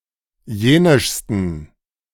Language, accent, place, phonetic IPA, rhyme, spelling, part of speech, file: German, Germany, Berlin, [ˈjeːnɪʃstn̩], -eːnɪʃstn̩, jenischsten, adjective, De-jenischsten.ogg
- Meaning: 1. superlative degree of jenisch 2. inflection of jenisch: strong genitive masculine/neuter singular superlative degree